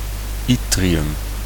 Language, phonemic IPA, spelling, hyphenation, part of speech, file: Dutch, /ˈi.tri.ʏm/, yttrium, yt‧tri‧um, noun, Nl-yttrium.ogg
- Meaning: yttrium